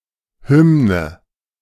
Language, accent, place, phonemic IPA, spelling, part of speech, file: German, Germany, Berlin, /ˈhʏmnə/, Hymne, noun, De-Hymne.ogg
- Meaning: 1. anthem (solemn secular song) 2. hymn (religious song)